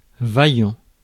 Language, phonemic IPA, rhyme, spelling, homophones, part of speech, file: French, /va.jɑ̃/, -jɑ̃, vaillant, vaillants, adjective, Fr-vaillant.ogg
- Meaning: 1. valuable, which has legal tender 2. valiant 3. hardworking 4. nice 5. healthy